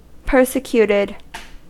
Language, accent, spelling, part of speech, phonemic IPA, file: English, US, persecuted, verb, /ˈpɝsəˌkjutɪd/, En-us-persecuted.ogg
- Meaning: simple past and past participle of persecute